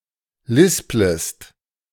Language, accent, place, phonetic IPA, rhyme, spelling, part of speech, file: German, Germany, Berlin, [ˈlɪspləst], -ɪspləst, lisplest, verb, De-lisplest.ogg
- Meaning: second-person singular subjunctive I of lispeln